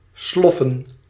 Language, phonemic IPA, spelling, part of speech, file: Dutch, /slɔf.ən/, sloffen, verb / noun, Nl-sloffen.ogg
- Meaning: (verb) to trudge, shuffle; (noun) plural of slof